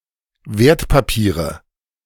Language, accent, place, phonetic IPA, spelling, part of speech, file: German, Germany, Berlin, [ˈveːɐ̯tpaˌpiːʁə], Wertpapiere, noun, De-Wertpapiere.ogg
- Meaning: nominative/accusative/genitive plural of Wertpapier